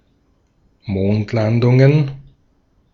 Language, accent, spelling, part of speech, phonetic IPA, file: German, Austria, Mondlandungen, noun, [ˈmoːntˌlandʊŋən], De-at-Mondlandungen.ogg
- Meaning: plural of Mondlandung